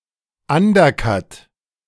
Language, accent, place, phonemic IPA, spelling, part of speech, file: German, Germany, Berlin, /ˈandɐˌkat/, Undercut, noun, De-Undercut.ogg
- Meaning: undercut